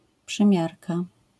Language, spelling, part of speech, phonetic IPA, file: Polish, przymiarka, noun, [pʃɨ̃ˈmʲjarka], LL-Q809 (pol)-przymiarka.wav